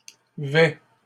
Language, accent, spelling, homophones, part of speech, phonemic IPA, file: French, Canada, vêts, vais / vêt, verb, /vɛ/, LL-Q150 (fra)-vêts.wav
- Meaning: inflection of vêtir: 1. first/second-person singular present indicative 2. second-person singular imperative